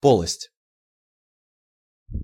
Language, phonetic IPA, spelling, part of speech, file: Russian, [ˈpoɫəsʲtʲ], полость, noun, Ru-полость.ogg
- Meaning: cavity (hollow area within the body)